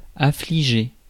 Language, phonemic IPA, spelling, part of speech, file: French, /a.fli.ʒe/, affliger, verb, Fr-affliger.ogg
- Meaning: 1. to grieve someone, to distress someone 2. to smite